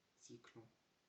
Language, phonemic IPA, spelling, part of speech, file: French, /zi.klɔ̃/, zyklon, noun, FR-zyklon.ogg
- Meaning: alternative form of zyclon